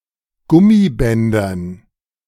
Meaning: dative plural of Gummiband
- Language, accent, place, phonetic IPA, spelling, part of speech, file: German, Germany, Berlin, [ˈɡʊmiˌbɛndɐn], Gummibändern, noun, De-Gummibändern.ogg